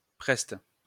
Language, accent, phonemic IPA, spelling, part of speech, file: French, France, /pʁɛst/, preste, adjective, LL-Q150 (fra)-preste.wav
- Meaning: agile, quick